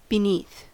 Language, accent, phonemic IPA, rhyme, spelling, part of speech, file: English, US, /bɪˈniːθ/, -iːθ, beneath, adverb / preposition, En-us-beneath.ogg
- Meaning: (adverb) Below or underneath; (preposition) 1. Below 2. In a position that is lower in rank, dignity, etc 3. Covered up or concealed by something